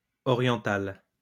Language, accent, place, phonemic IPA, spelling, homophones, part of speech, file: French, France, Lyon, /ɔ.ʁjɑ̃.tal/, orientale, oriental / orientales, adjective, LL-Q150 (fra)-orientale.wav
- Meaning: feminine singular of oriental